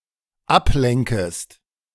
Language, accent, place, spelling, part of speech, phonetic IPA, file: German, Germany, Berlin, ablenkest, verb, [ˈapˌlɛŋkəst], De-ablenkest.ogg
- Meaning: second-person singular dependent subjunctive I of ablenken